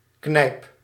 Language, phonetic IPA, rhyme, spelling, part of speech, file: Dutch, [knɛi̯p], -ɛi̯p, knijp, noun / verb, Nl-knijp.ogg
- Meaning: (noun) saloon, bar, pub; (verb) inflection of knijpen: 1. first-person singular present indicative 2. second-person singular present indicative 3. imperative